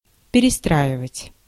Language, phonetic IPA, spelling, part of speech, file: Russian, [pʲɪrʲɪˈstraɪvətʲ], перестраивать, verb, Ru-перестраивать.ogg
- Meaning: 1. to rebuild, to reconstruct 2. to tune, to attune 3. to switch over 4. to reorganize, to rearrange, to reform 5. to re-form